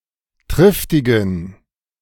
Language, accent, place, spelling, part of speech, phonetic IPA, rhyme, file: German, Germany, Berlin, triftigen, adjective, [ˈtʁɪftɪɡn̩], -ɪftɪɡn̩, De-triftigen.ogg
- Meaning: inflection of triftig: 1. strong genitive masculine/neuter singular 2. weak/mixed genitive/dative all-gender singular 3. strong/weak/mixed accusative masculine singular 4. strong dative plural